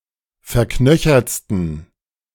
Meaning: 1. superlative degree of verknöchert 2. inflection of verknöchert: strong genitive masculine/neuter singular superlative degree
- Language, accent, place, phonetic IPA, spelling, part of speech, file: German, Germany, Berlin, [fɛɐ̯ˈknœçɐt͡stn̩], verknöchertsten, adjective, De-verknöchertsten.ogg